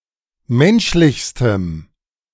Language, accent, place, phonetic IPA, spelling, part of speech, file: German, Germany, Berlin, [ˈmɛnʃlɪçstəm], menschlichstem, adjective, De-menschlichstem.ogg
- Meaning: strong dative masculine/neuter singular superlative degree of menschlich